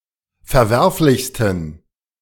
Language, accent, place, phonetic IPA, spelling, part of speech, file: German, Germany, Berlin, [fɛɐ̯ˈvɛʁflɪçstn̩], verwerflichsten, adjective, De-verwerflichsten.ogg
- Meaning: 1. superlative degree of verwerflich 2. inflection of verwerflich: strong genitive masculine/neuter singular superlative degree